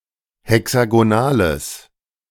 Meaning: strong/mixed nominative/accusative neuter singular of hexagonal
- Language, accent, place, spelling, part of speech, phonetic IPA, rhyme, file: German, Germany, Berlin, hexagonales, adjective, [hɛksaɡoˈnaːləs], -aːləs, De-hexagonales.ogg